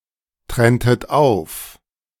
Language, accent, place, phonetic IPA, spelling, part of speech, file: German, Germany, Berlin, [ˌtʁɛntət ˈaʊ̯f], trenntet auf, verb, De-trenntet auf.ogg
- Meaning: inflection of auftrennen: 1. second-person plural preterite 2. second-person plural subjunctive II